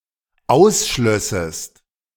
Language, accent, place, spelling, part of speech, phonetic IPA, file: German, Germany, Berlin, ausschlössest, verb, [ˈaʊ̯sˌʃlœsəst], De-ausschlössest.ogg
- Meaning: second-person singular dependent subjunctive II of ausschließen